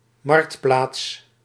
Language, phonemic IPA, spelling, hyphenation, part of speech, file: Dutch, /ˈmɑrkt.plaːts/, marktplaats, markt‧plaats, noun, Nl-marktplaats.ogg
- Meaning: 1. emporium, market town 2. place where a market is held